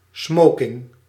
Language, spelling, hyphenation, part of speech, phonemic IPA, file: Dutch, smoking, smo‧king, noun, /ˈsmoː.kɪŋ/, Nl-smoking.ogg
- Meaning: tuxedo, dinner jacket